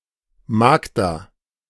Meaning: a diminutive of the female given name Magdalene
- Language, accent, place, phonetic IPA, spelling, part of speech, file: German, Germany, Berlin, [ˈmaːɡdaː], Magda, proper noun, De-Magda.ogg